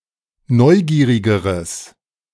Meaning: strong/mixed nominative/accusative neuter singular comparative degree of neugierig
- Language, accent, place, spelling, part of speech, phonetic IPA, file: German, Germany, Berlin, neugierigeres, adjective, [ˈnɔɪ̯ˌɡiːʁɪɡəʁəs], De-neugierigeres.ogg